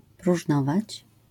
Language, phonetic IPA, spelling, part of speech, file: Polish, [pruʒˈnɔvat͡ɕ], próżnować, verb, LL-Q809 (pol)-próżnować.wav